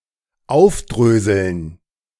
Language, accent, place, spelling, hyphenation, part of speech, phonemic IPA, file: German, Germany, Berlin, aufdröseln, auf‧drö‧seln, verb, /ˈaʊ̯fˌdʁøːzəln/, De-aufdröseln.ogg
- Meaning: to untwist; to disentangle; to unravel